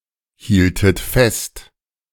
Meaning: second-person plural subjunctive I of festhalten
- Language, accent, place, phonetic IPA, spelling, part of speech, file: German, Germany, Berlin, [ˌhiːltət ˈfɛst], hieltet fest, verb, De-hieltet fest.ogg